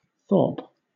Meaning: Obsolete spelling of thorp (“village”)
- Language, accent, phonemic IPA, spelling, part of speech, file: English, Southern England, /θɔːp/, thorpe, noun, LL-Q1860 (eng)-thorpe.wav